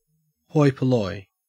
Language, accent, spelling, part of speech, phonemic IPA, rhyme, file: English, Australia, hoi polloi, noun, /ˈhɔɪ pəˌlɔɪ/, -ɔɪ, En-au-hoi polloi.ogg
- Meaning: 1. The common people; the masses. (Used with or without the definite article.) 2. The elite